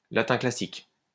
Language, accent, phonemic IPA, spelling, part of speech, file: French, France, /la.tɛ̃ kla.sik/, latin classique, noun, LL-Q150 (fra)-latin classique.wav
- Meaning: Classical Latin